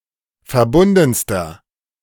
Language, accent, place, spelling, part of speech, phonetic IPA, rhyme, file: German, Germany, Berlin, verbundenster, adjective, [fɛɐ̯ˈbʊndn̩stɐ], -ʊndn̩stɐ, De-verbundenster.ogg
- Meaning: inflection of verbunden: 1. strong/mixed nominative masculine singular superlative degree 2. strong genitive/dative feminine singular superlative degree 3. strong genitive plural superlative degree